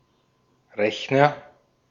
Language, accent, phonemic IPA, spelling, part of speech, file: German, Austria, /ˈʁɛçnɐ/, Rechner, noun, De-at-Rechner.ogg
- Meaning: 1. agent noun of rechnen; person who calculates 2. computer 3. calculator (one that is either too big to fit in one's pocket or is a virtual calculator like in a phone or computer app)